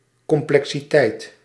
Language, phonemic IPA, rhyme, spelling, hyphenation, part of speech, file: Dutch, /ˌkɔm.plɛk.siˈtɛi̯t/, -ɛi̯t, complexiteit, com‧ple‧xi‧teit, noun, Nl-complexiteit.ogg
- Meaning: complexity